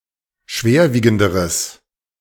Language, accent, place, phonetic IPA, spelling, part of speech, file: German, Germany, Berlin, [ˈʃveːɐ̯ˌviːɡn̩dəʁəs], schwerwiegenderes, adjective, De-schwerwiegenderes.ogg
- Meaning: strong/mixed nominative/accusative neuter singular comparative degree of schwerwiegend